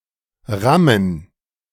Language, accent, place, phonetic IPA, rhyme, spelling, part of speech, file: German, Germany, Berlin, [ˈʁamən], -amən, Rammen, noun, De-Rammen.ogg
- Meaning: plural of Ramme